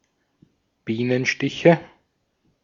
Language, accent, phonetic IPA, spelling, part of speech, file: German, Austria, [ˈbiːnənˌʃtɪçə], Bienenstiche, noun, De-at-Bienenstiche.ogg
- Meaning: nominative/accusative/genitive plural of Bienenstich